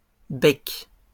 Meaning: plural of bec
- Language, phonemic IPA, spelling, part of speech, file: French, /bɛk/, becs, noun, LL-Q150 (fra)-becs.wav